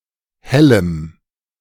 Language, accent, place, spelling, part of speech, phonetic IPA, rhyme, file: German, Germany, Berlin, hellem, adjective, [ˈhɛləm], -ɛləm, De-hellem.ogg
- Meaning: strong dative masculine/neuter singular of helle